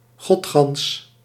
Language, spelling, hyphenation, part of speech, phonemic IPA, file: Dutch, godgans, god‧gans, adjective, /ɣɔtˈxɑns/, Nl-godgans.ogg
- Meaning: entire, complete